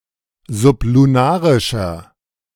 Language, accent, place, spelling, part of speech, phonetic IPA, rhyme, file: German, Germany, Berlin, sublunarischer, adjective, [zʊpluˈnaːʁɪʃɐ], -aːʁɪʃɐ, De-sublunarischer.ogg
- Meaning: inflection of sublunarisch: 1. strong/mixed nominative masculine singular 2. strong genitive/dative feminine singular 3. strong genitive plural